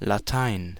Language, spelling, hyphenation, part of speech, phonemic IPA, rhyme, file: German, Latein, La‧tein, proper noun, /laˈtaɪ̯n/, -aɪ̯n, De-Latein.ogg
- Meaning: Latin